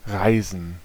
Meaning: 1. to travel 2. to rise 3. to fall
- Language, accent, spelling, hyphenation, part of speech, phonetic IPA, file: German, Germany, reisen, rei‧sen, verb, [ˈʁaɪ̯zən], De-reisen.ogg